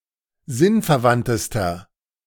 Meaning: inflection of sinnverwandt: 1. strong/mixed nominative masculine singular superlative degree 2. strong genitive/dative feminine singular superlative degree 3. strong genitive plural superlative degree
- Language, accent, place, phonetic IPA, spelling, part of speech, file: German, Germany, Berlin, [ˈzɪnfɛɐ̯ˌvantəstɐ], sinnverwandtester, adjective, De-sinnverwandtester.ogg